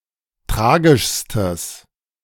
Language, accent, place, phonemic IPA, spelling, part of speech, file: German, Germany, Berlin, /ˈtʁaːɡɪʃstəs/, tragischstes, adjective, De-tragischstes.ogg
- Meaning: strong/mixed nominative/accusative neuter singular superlative degree of tragisch